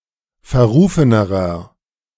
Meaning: inflection of verrufen: 1. strong/mixed nominative masculine singular comparative degree 2. strong genitive/dative feminine singular comparative degree 3. strong genitive plural comparative degree
- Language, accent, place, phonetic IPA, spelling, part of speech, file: German, Germany, Berlin, [fɛɐ̯ˈʁuːfənəʁɐ], verrufenerer, adjective, De-verrufenerer.ogg